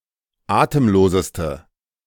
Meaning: inflection of atemlos: 1. strong/mixed nominative/accusative feminine singular superlative degree 2. strong nominative/accusative plural superlative degree
- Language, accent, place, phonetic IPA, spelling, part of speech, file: German, Germany, Berlin, [ˈaːtəmˌloːzəstə], atemloseste, adjective, De-atemloseste.ogg